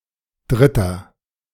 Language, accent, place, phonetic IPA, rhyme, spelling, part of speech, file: German, Germany, Berlin, [ˈdʁɪtɐ], -ɪtɐ, dritter, adjective, De-dritter.ogg
- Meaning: inflection of dritte: 1. strong/mixed nominative masculine singular 2. strong genitive/dative feminine singular 3. strong genitive plural